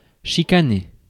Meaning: 1. to get (someone) into an argument 2. to quibble, squabble (to complain or argue in a trivial or petty manner)
- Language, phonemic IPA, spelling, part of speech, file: French, /ʃi.ka.ne/, chicaner, verb, Fr-chicaner.ogg